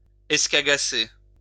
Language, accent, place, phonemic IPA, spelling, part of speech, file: French, France, Lyon, /ɛs.ka.ɡa.se/, escagasser, verb, LL-Q150 (fra)-escagasser.wav
- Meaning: to annoy